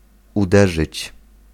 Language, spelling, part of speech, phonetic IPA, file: Polish, uderzyć, verb, [uˈdɛʒɨt͡ɕ], Pl-uderzyć.ogg